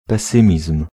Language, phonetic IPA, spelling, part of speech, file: Polish, [pɛˈsɨ̃mʲism̥], pesymizm, noun, Pl-pesymizm.ogg